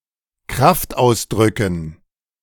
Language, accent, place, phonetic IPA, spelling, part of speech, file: German, Germany, Berlin, [ˈkʁaftˌʔaʊ̯sdʁʏkn̩], Kraftausdrücken, noun, De-Kraftausdrücken.ogg
- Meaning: dative plural of Kraftausdruck